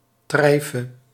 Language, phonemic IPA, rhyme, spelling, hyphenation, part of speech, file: Dutch, /ˈtrɛi̯.fə/, -ɛi̯fə, treife, trei‧fe, adjective, Nl-treife.ogg
- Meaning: treyf, non-kosher (being unpermitted food)